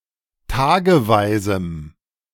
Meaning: strong dative masculine/neuter singular of tageweise
- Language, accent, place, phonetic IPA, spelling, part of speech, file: German, Germany, Berlin, [ˈtaːɡəˌvaɪ̯zm̩], tageweisem, adjective, De-tageweisem.ogg